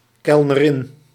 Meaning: waitress
- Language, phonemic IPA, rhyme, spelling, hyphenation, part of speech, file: Dutch, /ˌkɛl.nəˈrɪn/, -ɪn, kelnerin, kel‧ne‧rin, noun, Nl-kelnerin.ogg